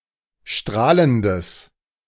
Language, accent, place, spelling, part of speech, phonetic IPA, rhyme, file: German, Germany, Berlin, strahlendes, adjective, [ˈʃtʁaːləndəs], -aːləndəs, De-strahlendes.ogg
- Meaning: strong/mixed nominative/accusative neuter singular of strahlend